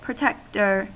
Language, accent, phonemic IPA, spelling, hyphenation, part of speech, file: English, US, /pɹəˈtɛktɚ/, protector, pro‧tec‧tor, noun, En-us-protector.ogg
- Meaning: Someone who protects or guards, by assignment or on their own initiative